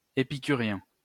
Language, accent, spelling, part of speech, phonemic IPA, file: French, France, épicurien, adjective / noun, /e.pi.ky.ʁjɛ̃/, LL-Q150 (fra)-épicurien.wav
- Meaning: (adjective) epicurean (pursuing pleasure, especially in reference to food or comfort); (noun) epicurean (one who is devoted to pleasure)